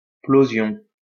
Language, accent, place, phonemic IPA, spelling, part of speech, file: French, France, Lyon, /plo.zjɔ̃/, plosion, noun, LL-Q150 (fra)-plosion.wav
- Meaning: plosion